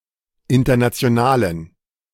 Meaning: inflection of international: 1. strong genitive masculine/neuter singular 2. weak/mixed genitive/dative all-gender singular 3. strong/weak/mixed accusative masculine singular 4. strong dative plural
- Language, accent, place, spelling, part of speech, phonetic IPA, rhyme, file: German, Germany, Berlin, internationalen, adjective, [ˌɪntɐnat͡si̯oˈnaːlən], -aːlən, De-internationalen.ogg